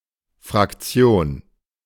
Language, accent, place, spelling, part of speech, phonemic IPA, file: German, Germany, Berlin, Fraktion, noun, /fʁakˈt͡si̯oːn/, De-Fraktion.ogg
- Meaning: 1. faction, parliamentary group 2. fraction (component of a mixture) 3. fraction (part of a whole) 4. hamlet (adapted from Italian frazione)